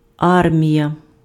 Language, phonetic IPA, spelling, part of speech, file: Ukrainian, [ˈarmʲijɐ], армія, noun, Uk-армія.ogg
- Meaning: army, troops